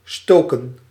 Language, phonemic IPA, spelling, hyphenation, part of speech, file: Dutch, /ˈstoːkə(n)/, stoken, sto‧ken, verb, Nl-stoken.ogg
- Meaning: 1. to poke, stoke 2. to light, to start (fire) 3. to stir up, to enflame (problems, emotions) 4. to cause unrest or discord; to stir up trouble between people; to stir the pot